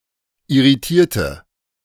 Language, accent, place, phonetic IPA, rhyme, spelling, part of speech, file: German, Germany, Berlin, [ɪʁiˈtiːɐ̯tə], -iːɐ̯tə, irritierte, adjective / verb, De-irritierte.ogg
- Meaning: inflection of irritieren: 1. first/third-person singular preterite 2. first/third-person singular subjunctive II